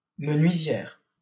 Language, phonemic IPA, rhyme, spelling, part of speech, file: French, /mə.nɥi.zjɛʁ/, -ɛʁ, menuisière, noun, LL-Q150 (fra)-menuisière.wav
- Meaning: female equivalent of menuisier